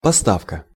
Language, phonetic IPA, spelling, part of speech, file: Russian, [pɐˈstafkə], поставка, noun, Ru-поставка.ogg
- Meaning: delivery, supply, shipping